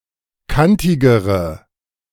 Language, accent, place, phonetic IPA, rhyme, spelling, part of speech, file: German, Germany, Berlin, [ˈkantɪɡəʁə], -antɪɡəʁə, kantigere, adjective, De-kantigere.ogg
- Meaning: inflection of kantig: 1. strong/mixed nominative/accusative feminine singular comparative degree 2. strong nominative/accusative plural comparative degree